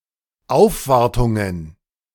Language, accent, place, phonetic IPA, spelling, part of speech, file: German, Germany, Berlin, [ˈaʊ̯fˌvaʁtʊŋən], Aufwartungen, noun, De-Aufwartungen.ogg
- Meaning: plural of Aufwartung